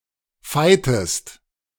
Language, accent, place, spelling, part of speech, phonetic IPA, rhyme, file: German, Germany, Berlin, feitest, verb, [ˈfaɪ̯təst], -aɪ̯təst, De-feitest.ogg
- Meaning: inflection of feien: 1. second-person singular preterite 2. second-person singular subjunctive II